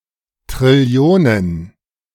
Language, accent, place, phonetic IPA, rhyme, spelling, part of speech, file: German, Germany, Berlin, [tʁɪˈli̯oːnən], -oːnən, Trillionen, noun, De-Trillionen.ogg
- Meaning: plural of Trillion